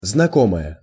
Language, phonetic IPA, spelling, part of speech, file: Russian, [znɐˈkoməjə], знакомая, noun, Ru-знакомая.ogg
- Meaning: female equivalent of знако́мый (znakómyj): female acquaintance (person)